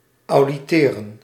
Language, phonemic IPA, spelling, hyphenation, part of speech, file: Dutch, /ɑu̯diˈteːrə(n)/, auditeren, au‧di‧te‧ren, verb, Nl-auditeren.ogg
- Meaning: 1. to audition 2. to listen, to be an audience